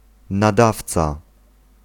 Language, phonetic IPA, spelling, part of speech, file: Polish, [naˈdaft͡sa], nadawca, noun, Pl-nadawca.ogg